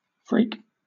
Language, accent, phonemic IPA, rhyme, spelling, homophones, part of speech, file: English, Southern England, /fɹiːk/, -iːk, freak, phreak, noun / verb / adjective, LL-Q1860 (eng)-freak.wav
- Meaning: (noun) Someone or something that is markedly unusual or unpredictable